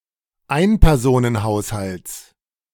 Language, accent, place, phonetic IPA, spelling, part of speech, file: German, Germany, Berlin, [ˈaɪ̯npɛʁzoːnənˌhaʊ̯shalt͡s], Einpersonenhaushalts, noun, De-Einpersonenhaushalts.ogg
- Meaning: genitive of Einpersonenhaushalt